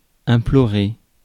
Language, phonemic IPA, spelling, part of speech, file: French, /ɛ̃.plɔ.ʁe/, implorer, verb, Fr-implorer.ogg
- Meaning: to beg, to plead, to implore